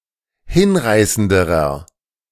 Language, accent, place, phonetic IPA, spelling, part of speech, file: German, Germany, Berlin, [ˈhɪnˌʁaɪ̯səndəʁɐ], hinreißenderer, adjective, De-hinreißenderer.ogg
- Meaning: inflection of hinreißend: 1. strong/mixed nominative masculine singular comparative degree 2. strong genitive/dative feminine singular comparative degree 3. strong genitive plural comparative degree